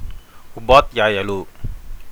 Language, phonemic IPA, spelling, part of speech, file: Telugu, /upaːd̪ʱjaːjulu/, ఉపాధ్యాయులు, noun, Te-ఉపాధ్యాయులు.ogg
- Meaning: plural of ఉపాధ్యాయుడు (upādhyāyuḍu)